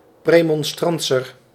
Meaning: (noun) Premonstratensian
- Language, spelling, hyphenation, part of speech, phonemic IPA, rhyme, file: Dutch, premonstratenzer, pre‧mon‧stra‧ten‧zer, noun / adjective, /ˌpreː.mɔn.straːˈtɛn.zər/, -ɛnzər, Nl-premonstratenzer.ogg